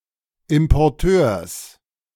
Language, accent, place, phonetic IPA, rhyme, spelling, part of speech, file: German, Germany, Berlin, [ɪmpɔʁˈtøːɐ̯s], -øːɐ̯s, Importeurs, noun, De-Importeurs.ogg
- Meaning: genitive singular of Importeur